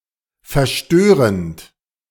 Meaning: present participle of verstören
- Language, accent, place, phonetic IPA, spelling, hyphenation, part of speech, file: German, Germany, Berlin, [fɛɐ̯ˈʃtøːʁənt], verstörend, ver‧stö‧rend, verb, De-verstörend.ogg